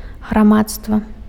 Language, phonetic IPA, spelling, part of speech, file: Belarusian, [ɣraˈmatstva], грамадства, noun, Be-грамадства.ogg
- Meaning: society